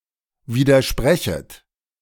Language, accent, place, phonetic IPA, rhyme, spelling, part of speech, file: German, Germany, Berlin, [ˌviːdɐˈʃpʁɛçət], -ɛçət, widersprechet, verb, De-widersprechet.ogg
- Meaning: second-person plural subjunctive I of widersprechen